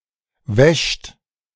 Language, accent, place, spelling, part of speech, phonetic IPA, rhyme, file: German, Germany, Berlin, wäscht, verb, [vɛʃt], -ɛʃt, De-wäscht.ogg
- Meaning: 1. third-person singular present of waschen 2. alternative form of wäschst